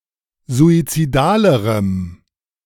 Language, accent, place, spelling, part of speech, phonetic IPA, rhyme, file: German, Germany, Berlin, suizidalerem, adjective, [zuit͡siˈdaːləʁəm], -aːləʁəm, De-suizidalerem.ogg
- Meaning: strong dative masculine/neuter singular comparative degree of suizidal